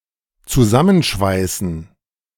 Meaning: to weld together
- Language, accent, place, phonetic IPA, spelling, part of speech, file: German, Germany, Berlin, [t͡suˈzamənˌʃvaɪ̯sn̩], zusammenschweißen, verb, De-zusammenschweißen.ogg